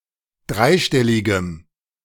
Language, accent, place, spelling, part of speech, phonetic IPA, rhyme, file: German, Germany, Berlin, dreistelligem, adjective, [ˈdʁaɪ̯ˌʃtɛlɪɡəm], -aɪ̯ʃtɛlɪɡəm, De-dreistelligem.ogg
- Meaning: strong dative masculine/neuter singular of dreistellig